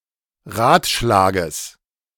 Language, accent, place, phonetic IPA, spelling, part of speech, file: German, Germany, Berlin, [ˈʁaːtˌʃlaːɡəs], Ratschlages, noun, De-Ratschlages.ogg
- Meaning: genitive of Ratschlag